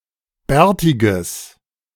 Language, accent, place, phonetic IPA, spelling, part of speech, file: German, Germany, Berlin, [ˈbɛːɐ̯tɪɡəs], bärtiges, adjective, De-bärtiges.ogg
- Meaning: strong/mixed nominative/accusative neuter singular of bärtig